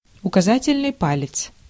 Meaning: forefinger, index finger
- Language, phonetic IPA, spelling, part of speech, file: Russian, [ʊkɐˈzatʲɪlʲnɨj ˈpalʲɪt͡s], указательный палец, noun, Ru-указательный палец.ogg